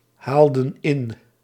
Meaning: inflection of inhalen: 1. plural past indicative 2. plural past subjunctive
- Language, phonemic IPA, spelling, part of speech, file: Dutch, /ˈhaldə(n) ˈɪn/, haalden in, verb, Nl-haalden in.ogg